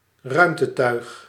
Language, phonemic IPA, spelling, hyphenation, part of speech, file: Dutch, /ˈrœy̯m.təˌtœy̯x/, ruimtetuig, ruim‧te‧tuig, noun, Nl-ruimtetuig.ogg
- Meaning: a spacecraft, vehicle traveling through space